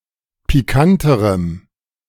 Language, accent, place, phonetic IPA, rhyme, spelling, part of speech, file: German, Germany, Berlin, [piˈkantəʁəm], -antəʁəm, pikanterem, adjective, De-pikanterem.ogg
- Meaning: strong dative masculine/neuter singular comparative degree of pikant